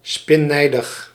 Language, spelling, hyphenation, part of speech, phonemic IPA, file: Dutch, spinnijdig, spin‧nij‧dig, adjective, /ˌspɪ(n)ˈnɛi̯.dəx/, Nl-spinnijdig.ogg
- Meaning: angry, livid, furious